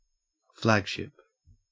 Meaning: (noun) The ship occupied by the fleet's commander (usually an admiral); it denotes this by flying his flag
- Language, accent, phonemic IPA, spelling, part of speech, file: English, Australia, /ˈflæɡʃɪp/, flagship, noun / verb, En-au-flagship.ogg